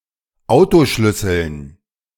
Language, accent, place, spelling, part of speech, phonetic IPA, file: German, Germany, Berlin, Autoschlüsseln, noun, [ˈaʊ̯toˌʃlʏsəln], De-Autoschlüsseln.ogg
- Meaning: dative plural of Autoschlüssel